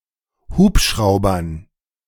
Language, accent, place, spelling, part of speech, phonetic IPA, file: German, Germany, Berlin, Hubschraubern, noun, [ˈhuːpˌʃʁaʊ̯bɐn], De-Hubschraubern.ogg
- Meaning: dative plural of Hubschrauber